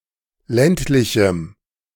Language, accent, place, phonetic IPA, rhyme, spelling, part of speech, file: German, Germany, Berlin, [ˈlɛntlɪçm̩], -ɛntlɪçm̩, ländlichem, adjective, De-ländlichem.ogg
- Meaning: strong dative masculine/neuter singular of ländlich